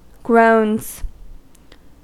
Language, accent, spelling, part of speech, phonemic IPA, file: English, US, groans, noun / verb, /ɡɹoʊnz/, En-us-groans.ogg
- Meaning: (noun) plural of groan; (verb) third-person singular simple present indicative of groan